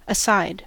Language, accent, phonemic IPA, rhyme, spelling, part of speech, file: English, US, /əˈsaɪd/, -aɪd, aside, adverb / adjective / noun, En-us-aside.ogg
- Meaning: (adverb) 1. To or on one side so as to be out of the way 2. Excluded from consideration; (adjective) Not in perfect symmetry; distorted laterally, especially of the human body